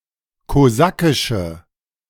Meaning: inflection of kosakisch: 1. strong/mixed nominative/accusative feminine singular 2. strong nominative/accusative plural 3. weak nominative all-gender singular
- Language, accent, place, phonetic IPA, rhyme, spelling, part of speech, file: German, Germany, Berlin, [koˈzakɪʃə], -akɪʃə, kosakische, adjective, De-kosakische.ogg